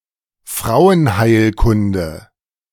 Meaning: gynecology
- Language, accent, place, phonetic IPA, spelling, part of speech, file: German, Germany, Berlin, [ˈfʁaʊ̯ənˌhaɪ̯lkʊndə], Frauenheilkunde, noun, De-Frauenheilkunde.ogg